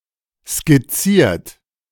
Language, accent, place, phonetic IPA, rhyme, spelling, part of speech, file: German, Germany, Berlin, [skɪˈt͡siːɐ̯t], -iːɐ̯t, skizziert, verb, De-skizziert.ogg
- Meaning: 1. past participle of skizzieren 2. inflection of skizzieren: third-person singular present 3. inflection of skizzieren: second-person plural present 4. inflection of skizzieren: plural imperative